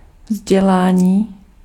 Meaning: 1. verbal noun of vzdělat 2. education (facts, skills and ideas that have been learnt)
- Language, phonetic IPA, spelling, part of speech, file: Czech, [ˈvzɟɛlaːɲiː], vzdělání, noun, Cs-vzdělání.ogg